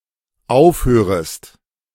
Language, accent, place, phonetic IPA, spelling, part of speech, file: German, Germany, Berlin, [ˈaʊ̯fˌhøːʁəst], aufhörest, verb, De-aufhörest.ogg
- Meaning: second-person singular dependent subjunctive I of aufhören